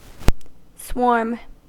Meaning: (noun) 1. A large number of insects or other bugs (e.g. centipedes), especially when in motion or (for bees) migrating to a new colony 2. A mass of people, animals or things in motion or turmoil
- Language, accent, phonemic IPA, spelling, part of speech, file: English, US, /swɔɹm/, swarm, noun / verb, En-us-swarm.ogg